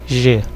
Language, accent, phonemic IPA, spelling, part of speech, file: Portuguese, Brazil, /ˈʒe/, g, character, Pt-br-g.ogg
- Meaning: The seventh letter of the Portuguese alphabet, written in the Latin script